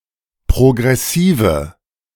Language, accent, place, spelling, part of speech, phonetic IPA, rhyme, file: German, Germany, Berlin, progressive, adjective, [pʁoɡʁɛˈsiːvə], -iːvə, De-progressive.ogg
- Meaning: inflection of progressiv: 1. strong/mixed nominative/accusative feminine singular 2. strong nominative/accusative plural 3. weak nominative all-gender singular